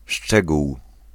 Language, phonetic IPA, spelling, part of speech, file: Polish, [ˈʃt͡ʃɛɡuw], szczegół, noun, Pl-szczegół.ogg